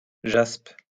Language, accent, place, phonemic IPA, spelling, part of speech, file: French, France, Lyon, /ʒasp/, jaspe, noun, LL-Q150 (fra)-jaspe.wav
- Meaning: jasper (precious stone)